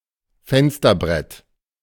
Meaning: windowsill
- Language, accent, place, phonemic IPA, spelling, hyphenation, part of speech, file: German, Germany, Berlin, /ˈfɛnstɐˌbʁɛt/, Fensterbrett, Fens‧ter‧brett, noun, De-Fensterbrett.ogg